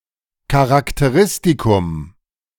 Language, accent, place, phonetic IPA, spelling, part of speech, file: German, Germany, Berlin, [kaʁakteˈʁɪstikʊm], Charakteristikum, noun, De-Charakteristikum.ogg
- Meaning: feature, characteristic (of a person or thing)